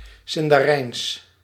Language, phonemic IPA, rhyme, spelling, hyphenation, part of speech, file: Dutch, /ˌsɪn.daːˈrɛi̯ns/, -ɛi̯ns, Sindarijns, Sin‧da‧rijns, proper noun, Nl-Sindarijns.ogg
- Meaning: Sindarin